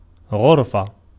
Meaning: 1. room, compartment, cell, chamber 2. the quantity of water laded out with the hand 3. instance noun of غَرَفَ (ḡarafa) 4. mode of lading with the hand 5. sandal
- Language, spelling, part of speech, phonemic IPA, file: Arabic, غرفة, noun, /ɣur.fa/, Ar-غرفة.ogg